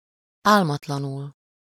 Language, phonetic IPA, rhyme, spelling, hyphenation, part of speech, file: Hungarian, [ˈaːlmɒtlɒnul], -ul, álmatlanul, ál‧mat‧la‧nul, adverb, Hu-álmatlanul.ogg
- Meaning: sleeplessly